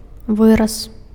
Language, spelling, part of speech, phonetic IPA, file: Belarusian, выраз, noun, [ˈvɨras], Be-выраз.ogg
- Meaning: 1. expression (colloquialism or idiom) 2. cut, cutting 3. cutout 4. low neck, decollete 5. excision